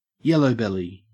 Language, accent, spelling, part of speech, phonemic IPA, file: English, Australia, yellowbelly, noun, /ˈjɛləʊbɛli/, En-au-yellowbelly.ogg
- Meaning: 1. A coward 2. Someone from Lincolnshire, or from the Isle of Ely 3. Someone from Wexford 4. A golden perch (Macquaria ambigua) 5. A yellow-bellied sapsucker (Sphyrapicus varius)